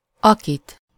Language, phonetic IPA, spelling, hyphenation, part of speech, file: Hungarian, [ˈɒkit], akit, akit, pronoun, Hu-akit.ogg
- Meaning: accusative singular of aki